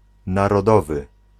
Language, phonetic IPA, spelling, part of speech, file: Polish, [ˌnarɔˈdɔvɨ], narodowy, adjective, Pl-narodowy.ogg